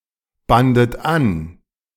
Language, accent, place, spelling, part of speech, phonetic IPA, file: German, Germany, Berlin, bandet an, verb, [ˌbandət ˈan], De-bandet an.ogg
- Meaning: second-person plural preterite of anbinden